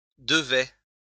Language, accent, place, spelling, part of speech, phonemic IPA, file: French, France, Lyon, devais, verb, /də.vɛ/, LL-Q150 (fra)-devais.wav
- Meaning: first/second-person singular imperfect indicative of devoir